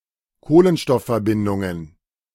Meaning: plural of Kohlenstoffverbindung
- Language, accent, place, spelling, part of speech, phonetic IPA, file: German, Germany, Berlin, Kohlenstoffverbindungen, noun, [ˈkoːlənʃtɔffɛɐ̯ˌbɪndʊŋən], De-Kohlenstoffverbindungen.ogg